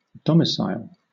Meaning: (noun) 1. A home or residence 2. A residence at a particular place accompanied with an intention to remain there for an unlimited time; a residence accepted as a final abode
- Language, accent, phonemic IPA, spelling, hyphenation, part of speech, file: English, Southern England, /ˈdɒm.ɪ.saɪl/, domicile, do‧mi‧cile, noun / verb, LL-Q1860 (eng)-domicile.wav